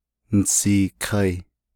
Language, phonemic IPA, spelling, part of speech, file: Navajo, /nɪ̀sìːkʰɑ̀ɪ̀/, nisiikai, verb, Nv-nisiikai.ogg
- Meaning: first-person plural perfect active indicative of naaghá